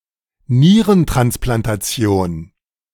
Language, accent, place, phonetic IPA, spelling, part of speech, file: German, Germany, Berlin, [ˈniːʁəntʁansplantaˌt͡si̯oːn], Nierentransplantation, noun, De-Nierentransplantation.ogg
- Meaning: kidney transplantation